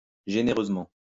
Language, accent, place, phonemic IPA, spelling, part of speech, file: French, France, Lyon, /ʒe.ne.ʁøz.mɑ̃/, généreusement, adverb, LL-Q150 (fra)-généreusement.wav
- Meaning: generously